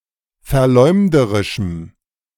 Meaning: strong dative masculine/neuter singular of verleumderisch
- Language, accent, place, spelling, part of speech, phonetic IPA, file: German, Germany, Berlin, verleumderischem, adjective, [fɛɐ̯ˈlɔɪ̯mdəʁɪʃm̩], De-verleumderischem.ogg